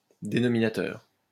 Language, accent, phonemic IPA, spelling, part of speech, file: French, France, /de.nɔ.mi.na.tœʁ/, dénominateur, adjective / noun, LL-Q150 (fra)-dénominateur.wav
- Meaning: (adjective) denominating; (noun) denominator (the number or expression written below the line in a fraction)